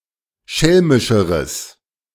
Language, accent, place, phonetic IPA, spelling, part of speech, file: German, Germany, Berlin, [ˈʃɛlmɪʃəʁəs], schelmischeres, adjective, De-schelmischeres.ogg
- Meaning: strong/mixed nominative/accusative neuter singular comparative degree of schelmisch